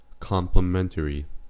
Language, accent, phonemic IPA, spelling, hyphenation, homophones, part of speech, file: English, US, /ˌkɑmplɪˈmɛnt(ə)ɹi/, complimentary, com‧pli‧men‧ta‧ry, complementary, adjective, En-us-complimentary.ogg
- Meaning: 1. In the nature of a compliment 2. Free; provided at no charge 3. With respect to the closing of a letter, formal and professional